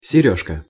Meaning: 1. diminutive of серьга́ (serʹgá): earring 2. ament
- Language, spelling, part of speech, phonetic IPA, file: Russian, серёжка, noun, [sʲɪˈrʲɵʂkə], Ru-серёжка.ogg